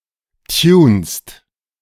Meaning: second-person singular present of tunen
- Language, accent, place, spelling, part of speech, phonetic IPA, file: German, Germany, Berlin, tunst, verb, [tjuːnst], De-tunst.ogg